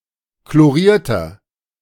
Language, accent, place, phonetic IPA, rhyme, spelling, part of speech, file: German, Germany, Berlin, [kloˈʁiːɐ̯tɐ], -iːɐ̯tɐ, chlorierter, adjective, De-chlorierter.ogg
- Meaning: inflection of chloriert: 1. strong/mixed nominative masculine singular 2. strong genitive/dative feminine singular 3. strong genitive plural